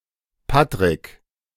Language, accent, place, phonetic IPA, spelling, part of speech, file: German, Germany, Berlin, [ˈpatʁɪk], Patrick, proper noun, De-Patrick.ogg
- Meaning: a male given name from English, feminine equivalent Patricia and Patrizia